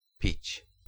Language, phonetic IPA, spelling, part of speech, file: Polish, [pʲit͡ɕ], pić, verb / noun, Pl-pić.ogg